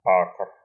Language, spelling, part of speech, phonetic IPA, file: Russian, акр, noun, [akr], Ru-акр.ogg
- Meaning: acre (unit of surface area)